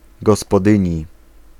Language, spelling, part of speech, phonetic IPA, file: Polish, gospodyni, noun, [ˌɡɔspɔˈdɨ̃ɲi], Pl-gospodyni.ogg